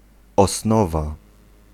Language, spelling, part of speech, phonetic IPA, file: Polish, osnowa, noun, [ɔsˈnɔva], Pl-osnowa.ogg